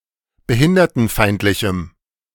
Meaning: strong dative masculine/neuter singular of behindertenfeindlich
- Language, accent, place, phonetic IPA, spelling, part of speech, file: German, Germany, Berlin, [bəˈhɪndɐtn̩ˌfaɪ̯ntlɪçm̩], behindertenfeindlichem, adjective, De-behindertenfeindlichem.ogg